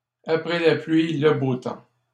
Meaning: every cloud has a silver lining
- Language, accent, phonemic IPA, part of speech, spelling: French, Canada, /a.pʁɛ la plɥi | lə bo tɑ̃/, proverb, après la pluie, le beau temps